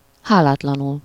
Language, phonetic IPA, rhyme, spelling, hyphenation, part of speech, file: Hungarian, [ˈhaːlaːtlɒnul], -ul, hálátlanul, há‧lát‧la‧nul, adverb, Hu-hálátlanul.ogg
- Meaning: ungratefully, thanklessly